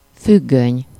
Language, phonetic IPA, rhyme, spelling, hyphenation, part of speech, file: Hungarian, [ˈfyɡːøɲ], -øɲ, függöny, füg‧göny, noun, Hu-függöny.ogg
- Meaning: curtain (piece of cloth covering a window)